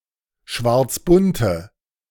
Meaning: inflection of schwarzbunt: 1. strong/mixed nominative/accusative feminine singular 2. strong nominative/accusative plural 3. weak nominative all-gender singular
- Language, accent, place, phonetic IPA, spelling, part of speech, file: German, Germany, Berlin, [ˈʃvaʁt͡sˌbʊntə], schwarzbunte, adjective, De-schwarzbunte.ogg